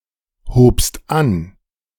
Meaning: second-person singular preterite of anheben
- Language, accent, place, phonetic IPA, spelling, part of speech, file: German, Germany, Berlin, [hoːpst ˈan], hobst an, verb, De-hobst an.ogg